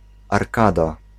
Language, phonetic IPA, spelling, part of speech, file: Polish, [arˈkada], arkada, noun, Pl-arkada.ogg